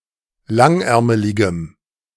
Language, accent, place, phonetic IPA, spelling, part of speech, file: German, Germany, Berlin, [ˈlaŋˌʔɛʁməlɪɡəm], langärmeligem, adjective, De-langärmeligem.ogg
- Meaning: strong dative masculine/neuter singular of langärmelig